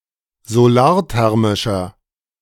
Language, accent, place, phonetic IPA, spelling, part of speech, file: German, Germany, Berlin, [zoˈlaːɐ̯ˌtɛʁmɪʃɐ], solarthermischer, adjective, De-solarthermischer.ogg
- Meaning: inflection of solarthermisch: 1. strong/mixed nominative masculine singular 2. strong genitive/dative feminine singular 3. strong genitive plural